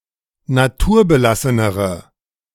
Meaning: inflection of naturbelassen: 1. strong/mixed nominative/accusative feminine singular comparative degree 2. strong nominative/accusative plural comparative degree
- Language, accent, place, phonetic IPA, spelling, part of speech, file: German, Germany, Berlin, [naˈtuːɐ̯bəˌlasənəʁə], naturbelassenere, adjective, De-naturbelassenere.ogg